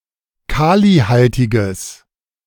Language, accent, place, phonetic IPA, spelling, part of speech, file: German, Germany, Berlin, [ˈkaːliˌhaltɪɡəs], kalihaltiges, adjective, De-kalihaltiges.ogg
- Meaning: strong/mixed nominative/accusative neuter singular of kalihaltig